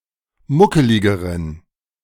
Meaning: inflection of muckelig: 1. strong genitive masculine/neuter singular comparative degree 2. weak/mixed genitive/dative all-gender singular comparative degree
- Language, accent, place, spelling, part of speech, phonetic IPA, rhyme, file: German, Germany, Berlin, muckeligeren, adjective, [ˈmʊkəlɪɡəʁən], -ʊkəlɪɡəʁən, De-muckeligeren.ogg